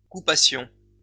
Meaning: first-person plural imperfect subjunctive of couper
- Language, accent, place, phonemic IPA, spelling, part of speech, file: French, France, Lyon, /ku.pa.sjɔ̃/, coupassions, verb, LL-Q150 (fra)-coupassions.wav